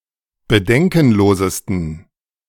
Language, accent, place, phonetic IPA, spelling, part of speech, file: German, Germany, Berlin, [bəˈdɛŋkn̩ˌloːzəstn̩], bedenkenlosesten, adjective, De-bedenkenlosesten.ogg
- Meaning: 1. superlative degree of bedenkenlos 2. inflection of bedenkenlos: strong genitive masculine/neuter singular superlative degree